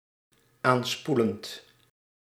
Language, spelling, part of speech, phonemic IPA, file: Dutch, aanspoelend, verb, /ˈanspulənt/, Nl-aanspoelend.ogg
- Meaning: present participle of aanspoelen